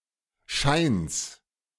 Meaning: genitive singular of Schein
- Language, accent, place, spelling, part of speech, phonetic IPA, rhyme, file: German, Germany, Berlin, Scheins, noun, [ʃaɪ̯ns], -aɪ̯ns, De-Scheins.ogg